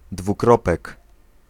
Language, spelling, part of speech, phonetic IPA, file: Polish, dwukropek, noun, [dvuˈkrɔpɛk], Pl-dwukropek.ogg